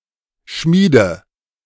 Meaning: inflection of schmieden: 1. first-person singular present 2. first/third-person singular subjunctive I 3. singular imperative
- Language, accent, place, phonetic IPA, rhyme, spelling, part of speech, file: German, Germany, Berlin, [ˈʃmiːdə], -iːdə, schmiede, verb, De-schmiede.ogg